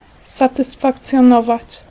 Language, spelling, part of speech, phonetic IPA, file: Polish, satysfakcjonować, verb, [ˌsatɨsfakt͡sʲjɔ̃ˈnɔvat͡ɕ], Pl-satysfakcjonować.ogg